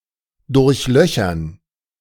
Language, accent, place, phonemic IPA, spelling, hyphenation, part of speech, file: German, Germany, Berlin, /dʊʁçˈlœçɐn/, durchlöchern, durch‧lö‧chern, verb, De-durchlöchern.ogg
- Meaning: to riddle (fill with holes)